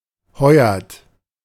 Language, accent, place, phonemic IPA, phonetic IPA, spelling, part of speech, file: German, Germany, Berlin, /ˈhɔʏ̯ɐt/, [ˈhɔʏ̯ɐtʰ], Heuert, proper noun, De-Heuert.ogg
- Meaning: July (seventh month of the Gregorian calendar)